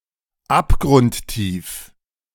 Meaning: very deep, bone-deep (especially of negative emotions)
- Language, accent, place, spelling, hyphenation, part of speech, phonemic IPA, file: German, Germany, Berlin, abgrundtief, ab‧grund‧tief, adjective, /ˈapɡʁʊntˌtiːf/, De-abgrundtief.ogg